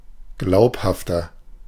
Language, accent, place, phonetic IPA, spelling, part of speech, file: German, Germany, Berlin, [ˈɡlaʊ̯phaftɐ], glaubhafter, adjective, De-glaubhafter.ogg
- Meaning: 1. comparative degree of glaubhaft 2. inflection of glaubhaft: strong/mixed nominative masculine singular 3. inflection of glaubhaft: strong genitive/dative feminine singular